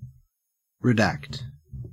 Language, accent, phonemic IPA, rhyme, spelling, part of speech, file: English, Australia, /ɹɪˈdækt/, -ækt, redact, verb, En-au-redact.ogg
- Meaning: To censor, to black out or remove parts of a document while leaving the remainder